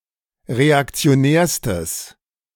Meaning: strong/mixed nominative/accusative neuter singular superlative degree of reaktionär
- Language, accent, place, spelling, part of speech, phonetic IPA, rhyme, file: German, Germany, Berlin, reaktionärstes, adjective, [ʁeakt͡si̯oˈnɛːɐ̯stəs], -ɛːɐ̯stəs, De-reaktionärstes.ogg